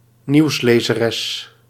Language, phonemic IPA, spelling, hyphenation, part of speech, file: Dutch, /ˈniu̯s.leː.zəˌrɛs/, nieuwslezeres, nieuws‧le‧ze‧res, noun, Nl-nieuwslezeres.ogg
- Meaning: a female news anchor, a female newscaster